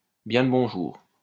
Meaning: greetings!
- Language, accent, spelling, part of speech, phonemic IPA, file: French, France, bien le bonjour, interjection, /bjɛ̃ l(ə) bɔ̃.ʒuʁ/, LL-Q150 (fra)-bien le bonjour.wav